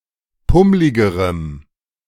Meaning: strong dative masculine/neuter singular comparative degree of pummlig
- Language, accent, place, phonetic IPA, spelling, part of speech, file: German, Germany, Berlin, [ˈpʊmlɪɡəʁəm], pummligerem, adjective, De-pummligerem.ogg